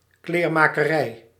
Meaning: 1. the tailor's profession, the tailoring sector 2. a business where clothing is produced, repaired and sold, a tailor's shop
- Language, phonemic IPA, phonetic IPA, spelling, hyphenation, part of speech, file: Dutch, /ˌkleːr.maː.kəˈrɛi̯/, [ˌklɪːr.ma(ː).kəˈrɛi̯], kleermakerij, kleer‧ma‧ke‧rij, noun, Nl-kleermakerij.ogg